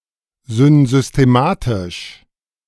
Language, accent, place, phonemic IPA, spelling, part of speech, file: German, Germany, Berlin, /zʏnzʏsteˈmaːtɪʃ/, synsystematisch, adjective, De-synsystematisch.ogg
- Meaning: synsystematic